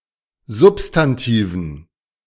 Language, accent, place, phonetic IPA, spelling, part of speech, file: German, Germany, Berlin, [ˈzʊpstanˌtiːvn̩], Substantiven, noun, De-Substantiven.ogg
- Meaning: dative plural of Substantiv